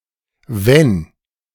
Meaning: if
- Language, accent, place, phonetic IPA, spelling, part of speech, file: German, Germany, Berlin, [vɛn], Wenn, noun, De-Wenn.ogg